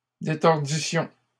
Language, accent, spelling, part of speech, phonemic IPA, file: French, Canada, détordissions, verb, /de.tɔʁ.di.sjɔ̃/, LL-Q150 (fra)-détordissions.wav
- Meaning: first-person plural imperfect subjunctive of détordre